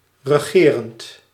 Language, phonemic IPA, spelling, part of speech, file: Dutch, /rəˈɣerənt/, regerend, adjective / verb, Nl-regerend.ogg
- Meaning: present participle of regeren